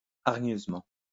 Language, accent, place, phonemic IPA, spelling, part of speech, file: French, France, Lyon, /aʁ.ɲøz.mɑ̃/, hargneusement, adverb, LL-Q150 (fra)-hargneusement.wav
- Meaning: belligerently, aggressively